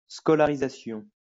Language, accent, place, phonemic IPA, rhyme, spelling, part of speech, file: French, France, Lyon, /skɔ.la.ʁi.za.sjɔ̃/, -ɔ̃, scolarisation, noun, LL-Q150 (fra)-scolarisation.wav
- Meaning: the sending (of a child) to school, schooling